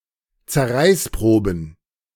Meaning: plural of Zerreißprobe
- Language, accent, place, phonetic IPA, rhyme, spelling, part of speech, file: German, Germany, Berlin, [t͡sɛɐ̯ˈʁaɪ̯sˌpʁoːbn̩], -aɪ̯spʁoːbn̩, Zerreißproben, noun, De-Zerreißproben.ogg